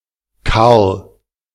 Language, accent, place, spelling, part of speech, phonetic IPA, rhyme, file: German, Germany, Berlin, Carl, proper noun, [kaʁl], -aʁl, De-Carl.ogg
- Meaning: a male given name, a less common variant of Karl